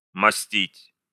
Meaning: to pave
- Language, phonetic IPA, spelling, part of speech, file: Russian, [mɐˈsʲtʲitʲ], мостить, verb, Ru-мостить.ogg